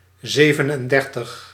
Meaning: thirty-seven
- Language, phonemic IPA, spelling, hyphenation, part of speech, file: Dutch, /ˈzeː.vən.ənˌdɛr.təx/, zevenendertig, ze‧ven‧en‧der‧tig, numeral, Nl-zevenendertig.ogg